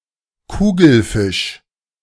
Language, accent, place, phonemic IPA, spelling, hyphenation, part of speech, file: German, Germany, Berlin, /ˈkuːɡl̩ˌfɪʃ/, Kugelfisch, Ku‧gel‧fisch, noun, De-Kugelfisch.ogg
- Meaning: globefish (literal equivalent), balloonfish, blowfish, bubblefish, a fish of the Tetraodontidae family